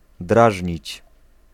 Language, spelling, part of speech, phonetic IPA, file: Polish, drażnić, verb, [ˈdraʒʲɲit͡ɕ], Pl-drażnić.ogg